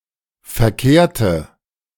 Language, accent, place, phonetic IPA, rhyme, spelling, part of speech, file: German, Germany, Berlin, [fɛɐ̯ˈkeːɐ̯tə], -eːɐ̯tə, verkehrte, adjective / verb, De-verkehrte.ogg
- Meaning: inflection of verkehrt: 1. strong/mixed nominative/accusative feminine singular 2. strong nominative/accusative plural 3. weak nominative all-gender singular